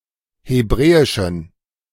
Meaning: inflection of hebräisch: 1. strong genitive masculine/neuter singular 2. weak/mixed genitive/dative all-gender singular 3. strong/weak/mixed accusative masculine singular 4. strong dative plural
- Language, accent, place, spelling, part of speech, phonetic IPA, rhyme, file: German, Germany, Berlin, hebräischen, adjective, [heˈbʁɛːɪʃn̩], -ɛːɪʃn̩, De-hebräischen.ogg